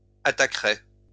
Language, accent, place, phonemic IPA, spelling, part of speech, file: French, France, Lyon, /a.ta.kʁɛ/, attaquerais, verb, LL-Q150 (fra)-attaquerais.wav
- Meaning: first/second-person singular conditional of attaquer